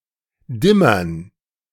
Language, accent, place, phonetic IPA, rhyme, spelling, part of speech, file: German, Germany, Berlin, [ˈdɪmɐn], -ɪmɐn, Dimmern, noun, De-Dimmern.ogg
- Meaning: dative plural of Dimmer